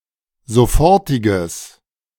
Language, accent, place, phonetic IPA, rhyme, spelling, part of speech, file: German, Germany, Berlin, [zoˈfɔʁtɪɡəs], -ɔʁtɪɡəs, sofortiges, adjective, De-sofortiges.ogg
- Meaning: strong/mixed nominative/accusative neuter singular of sofortig